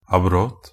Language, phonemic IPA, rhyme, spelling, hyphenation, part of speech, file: Norwegian Bokmål, /aˈbrɔt/, -ɔt, abrot, ab‧rot, noun, NB - Pronunciation of Norwegian Bokmål «abrot».ogg
- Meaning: alternative spelling of abrodd